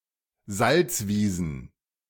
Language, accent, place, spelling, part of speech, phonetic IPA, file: German, Germany, Berlin, Salzwiesen, noun, [ˈzalt͡sˌviːzn̩], De-Salzwiesen.ogg
- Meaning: plural of Salzwiese